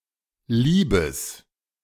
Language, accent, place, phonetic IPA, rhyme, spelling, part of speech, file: German, Germany, Berlin, [ˈliːbəs], -iːbəs, liebes, adjective, De-liebes.ogg
- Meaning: strong/mixed nominative/accusative neuter singular of lieb